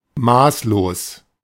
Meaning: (adjective) 1. exorbitant 2. self-indulgent 3. gluttonous; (adverb) extremely, grossly
- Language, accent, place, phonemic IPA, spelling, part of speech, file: German, Germany, Berlin, /ˈmaːsloːs/, maßlos, adjective / adverb, De-maßlos.ogg